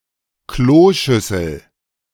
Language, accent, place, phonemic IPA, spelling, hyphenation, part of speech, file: German, Germany, Berlin, /ˈkloːˌʃʏsl̩/, Kloschüssel, Klo‧schüs‧sel, noun, De-Kloschüssel.ogg
- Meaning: toilet bowl, flush toilet, flushing toilet, water closet (receptacle designed to receive the dejections of humans)